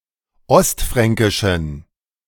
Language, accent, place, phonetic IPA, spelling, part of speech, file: German, Germany, Berlin, [ˈɔstˌfʁɛŋkɪʃn̩], ostfränkischen, adjective, De-ostfränkischen.ogg
- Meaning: inflection of ostfränkisch: 1. strong genitive masculine/neuter singular 2. weak/mixed genitive/dative all-gender singular 3. strong/weak/mixed accusative masculine singular 4. strong dative plural